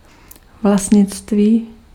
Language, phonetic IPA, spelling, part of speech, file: Czech, [ˈvlastɲɪt͡stviː], vlastnictví, noun, Cs-vlastnictví.ogg
- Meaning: 1. ownership 2. property